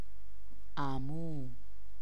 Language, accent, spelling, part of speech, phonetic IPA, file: Persian, Iran, عمو, noun, [ʔæ.muː], Fa-عمو.ogg
- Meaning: 1. paternal uncle 2. uncle (title)